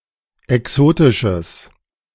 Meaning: strong/mixed nominative/accusative neuter singular of exotisch
- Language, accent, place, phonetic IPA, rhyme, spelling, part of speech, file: German, Germany, Berlin, [ɛˈksoːtɪʃəs], -oːtɪʃəs, exotisches, adjective, De-exotisches.ogg